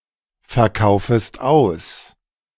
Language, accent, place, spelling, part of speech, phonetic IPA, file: German, Germany, Berlin, verkaufest aus, verb, [fɛɐ̯ˌkaʊ̯fəst ˈaʊ̯s], De-verkaufest aus.ogg
- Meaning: second-person singular subjunctive I of ausverkaufen